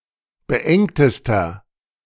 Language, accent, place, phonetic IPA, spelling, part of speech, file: German, Germany, Berlin, [bəˈʔɛŋtəstɐ], beengtester, adjective, De-beengtester.ogg
- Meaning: inflection of beengt: 1. strong/mixed nominative masculine singular superlative degree 2. strong genitive/dative feminine singular superlative degree 3. strong genitive plural superlative degree